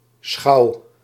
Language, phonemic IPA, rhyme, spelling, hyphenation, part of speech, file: Dutch, /ˈsxɑu̯/, -ɑu̯, schouw, schouw, noun / verb, Nl-schouw.ogg
- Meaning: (noun) 1. fireplace 2. mantelpiece 3. chimney 4. pole-driven boat 5. ferry; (verb) inflection of schouwen: 1. first-person singular present indicative 2. second-person singular present indicative